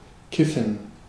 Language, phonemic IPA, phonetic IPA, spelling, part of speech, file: German, /ˈkɪfən/, [ˈkʰɪfn̩], kiffen, verb, De-kiffen.ogg
- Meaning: to smoke marijuana